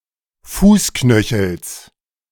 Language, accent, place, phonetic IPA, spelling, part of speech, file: German, Germany, Berlin, [ˈfuːsˌknœçl̩s], Fußknöchels, noun, De-Fußknöchels.ogg
- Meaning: genitive of Fußknöchel